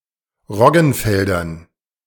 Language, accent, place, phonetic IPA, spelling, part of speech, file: German, Germany, Berlin, [ˈʁɔɡn̩ˌfɛldɐn], Roggenfeldern, noun, De-Roggenfeldern.ogg
- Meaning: dative plural of Roggenfeld